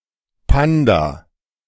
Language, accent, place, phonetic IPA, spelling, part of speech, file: German, Germany, Berlin, [ˈpanda], Panda, noun, De-Panda.ogg
- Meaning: panda (Ailuropoda melanoleuca)